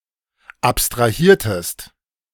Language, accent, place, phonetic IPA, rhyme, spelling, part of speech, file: German, Germany, Berlin, [ˌapstʁaˈhiːɐ̯təst], -iːɐ̯təst, abstrahiertest, verb, De-abstrahiertest.ogg
- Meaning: inflection of abstrahieren: 1. second-person singular preterite 2. second-person singular subjunctive II